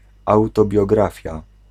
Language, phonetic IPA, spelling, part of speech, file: Polish, [ˌawtɔbʲjɔˈɡrafʲja], autobiografia, noun, Pl-autobiografia.ogg